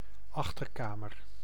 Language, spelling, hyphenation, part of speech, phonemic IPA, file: Dutch, achterkamer, ach‧ter‧ka‧mer, noun, /ˈɑx.tərˌkaː.mər/, Nl-achterkamer.ogg
- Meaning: backroom (with similar connotations of secrecy, especially in the diminutive)